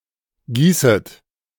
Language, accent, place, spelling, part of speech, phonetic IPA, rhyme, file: German, Germany, Berlin, gießet, verb, [ˈɡiːsət], -iːsət, De-gießet.ogg
- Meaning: second-person plural subjunctive I of gießen